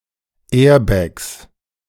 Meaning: 1. genitive singular of Airbag 2. plural of Airbag
- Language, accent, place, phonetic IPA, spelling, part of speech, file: German, Germany, Berlin, [ˈɛːɐ̯bɛks], Airbags, noun, De-Airbags2.ogg